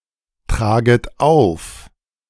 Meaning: second-person plural subjunctive I of auftragen
- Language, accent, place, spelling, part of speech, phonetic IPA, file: German, Germany, Berlin, traget auf, verb, [ˌtʁaːɡət ˈaʊ̯f], De-traget auf.ogg